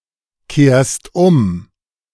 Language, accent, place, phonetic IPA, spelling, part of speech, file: German, Germany, Berlin, [ˌkeːɐ̯st ˈʊm], kehrst um, verb, De-kehrst um.ogg
- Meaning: second-person singular present of umkehren